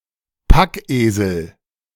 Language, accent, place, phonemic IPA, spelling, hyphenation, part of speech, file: German, Germany, Berlin, /ˈpakˌʔeːzl̩/, Packesel, Pack‧esel, noun, De-Packesel.ogg
- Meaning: 1. packhorse, burro 2. (of a person) packhorse 3. drudge, drone